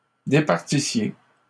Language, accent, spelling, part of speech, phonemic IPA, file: French, Canada, départissiez, verb, /de.paʁ.ti.sje/, LL-Q150 (fra)-départissiez.wav
- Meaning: inflection of départir: 1. second-person plural imperfect indicative 2. second-person plural present/imperfect subjunctive